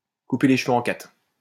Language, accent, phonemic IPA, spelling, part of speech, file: French, France, /ku.pe le ʃ(ə).vø ɑ̃ katʁ/, couper les cheveux en quatre, verb, LL-Q150 (fra)-couper les cheveux en quatre.wav
- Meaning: to split hairs